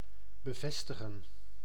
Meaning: 1. to fasten, attach 2. to confirm
- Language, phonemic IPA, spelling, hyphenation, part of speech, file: Dutch, /bəˈvɛstəɣə(n)/, bevestigen, be‧ves‧ti‧gen, verb, Nl-bevestigen.ogg